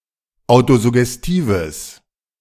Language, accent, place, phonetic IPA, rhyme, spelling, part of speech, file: German, Germany, Berlin, [ˌaʊ̯tozʊɡɛsˈtiːvəs], -iːvəs, autosuggestives, adjective, De-autosuggestives.ogg
- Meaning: strong/mixed nominative/accusative neuter singular of autosuggestiv